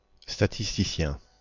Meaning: statistician
- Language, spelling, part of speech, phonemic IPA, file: French, statisticien, noun, /sta.tis.ti.sjɛ̃/, Fr-statisticien.ogg